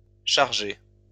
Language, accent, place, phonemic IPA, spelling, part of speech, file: French, France, Lyon, /ʃaʁ.ʒe/, chargées, verb, LL-Q150 (fra)-chargées.wav
- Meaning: feminine plural of chargé